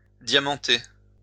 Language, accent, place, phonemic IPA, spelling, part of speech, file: French, France, Lyon, /dja.mɑ̃.te/, diamanter, verb, LL-Q150 (fra)-diamanter.wav
- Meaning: to diamond (adorn with diamonds)